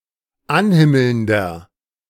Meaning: inflection of anhimmelnd: 1. strong/mixed nominative masculine singular 2. strong genitive/dative feminine singular 3. strong genitive plural
- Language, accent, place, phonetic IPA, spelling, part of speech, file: German, Germany, Berlin, [ˈanˌhɪml̩ndɐ], anhimmelnder, adjective, De-anhimmelnder.ogg